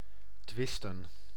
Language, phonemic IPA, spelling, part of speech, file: Dutch, /ˈtʋɪs.tə(n)/, twisten, verb / noun, Nl-twisten.ogg
- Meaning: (verb) to fight, to quarrel; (noun) plural of twist